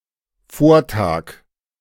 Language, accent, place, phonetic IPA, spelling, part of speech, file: German, Germany, Berlin, [ˈfoːɐ̯ˌtaːk], Vortag, noun, De-Vortag.ogg
- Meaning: day before